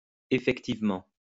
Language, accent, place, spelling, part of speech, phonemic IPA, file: French, France, Lyon, effectivement, adverb, /e.fɛk.tiv.mɑ̃/, LL-Q150 (fra)-effectivement.wav
- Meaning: 1. indeed 2. really, actually